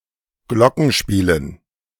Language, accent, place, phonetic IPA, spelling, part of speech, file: German, Germany, Berlin, [ˈɡlɔkŋ̩ˌʃpiːlən], Glockenspielen, noun, De-Glockenspielen.ogg
- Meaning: dative plural of Glockenspiel